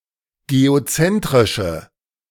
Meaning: inflection of geozentrisch: 1. strong/mixed nominative/accusative feminine singular 2. strong nominative/accusative plural 3. weak nominative all-gender singular
- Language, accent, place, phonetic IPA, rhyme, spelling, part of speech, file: German, Germany, Berlin, [ɡeoˈt͡sɛntʁɪʃə], -ɛntʁɪʃə, geozentrische, adjective, De-geozentrische.ogg